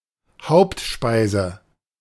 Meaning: main dish
- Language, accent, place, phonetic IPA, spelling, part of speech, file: German, Germany, Berlin, [ˈhaʊ̯ptˌʃpaɪ̯zə], Hauptspeise, noun, De-Hauptspeise.ogg